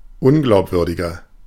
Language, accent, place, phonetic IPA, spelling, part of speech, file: German, Germany, Berlin, [ˈʊnɡlaʊ̯pˌvʏʁdɪɡɐ], unglaubwürdiger, adjective, De-unglaubwürdiger.ogg
- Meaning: 1. comparative degree of unglaubwürdig 2. inflection of unglaubwürdig: strong/mixed nominative masculine singular 3. inflection of unglaubwürdig: strong genitive/dative feminine singular